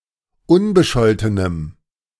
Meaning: strong dative masculine/neuter singular of unbescholten
- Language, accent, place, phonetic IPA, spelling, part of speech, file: German, Germany, Berlin, [ˈʊnbəˌʃɔltənəm], unbescholtenem, adjective, De-unbescholtenem.ogg